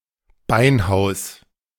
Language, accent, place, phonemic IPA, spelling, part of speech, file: German, Germany, Berlin, /ˈbaɪ̯nˌhaʊ̯s/, Beinhaus, noun, De-Beinhaus.ogg
- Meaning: ossuary, bonehouse, building for storing bones